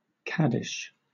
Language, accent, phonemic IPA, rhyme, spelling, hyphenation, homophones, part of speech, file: English, Southern England, /ˈkædɪʃ/, -ædɪʃ, kaddish, kad‧dish, caddish, noun, LL-Q1860 (eng)-kaddish.wav
- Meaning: A Jewish prayer of praise to God recited during services, and specifically when mourning the death of a close relative